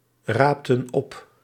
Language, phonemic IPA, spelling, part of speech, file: Dutch, /ˈraptə(n) ˈɔp/, raapten op, verb, Nl-raapten op.ogg
- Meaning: inflection of oprapen: 1. plural past indicative 2. plural past subjunctive